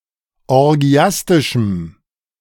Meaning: strong dative masculine/neuter singular of orgiastisch
- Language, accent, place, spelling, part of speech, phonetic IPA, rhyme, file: German, Germany, Berlin, orgiastischem, adjective, [ɔʁˈɡi̯astɪʃm̩], -astɪʃm̩, De-orgiastischem.ogg